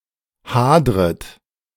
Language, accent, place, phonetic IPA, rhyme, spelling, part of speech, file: German, Germany, Berlin, [ˈhaːdʁət], -aːdʁət, hadret, verb, De-hadret.ogg
- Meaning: second-person plural subjunctive I of hadern